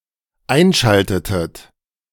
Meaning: inflection of einschalten: 1. second-person plural dependent preterite 2. second-person plural dependent subjunctive II
- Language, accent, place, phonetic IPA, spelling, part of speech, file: German, Germany, Berlin, [ˈaɪ̯nˌʃaltətət], einschaltetet, verb, De-einschaltetet.ogg